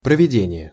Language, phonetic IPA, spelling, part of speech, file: Russian, [prəvʲɪˈdʲenʲɪje], проведение, noun, Ru-проведение.ogg
- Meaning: 1. construction, building, laying (of roads, cables, pipes, etc.) 2. organization, holding (of a meeting, event, activity) 3. carrying out, realization, implementation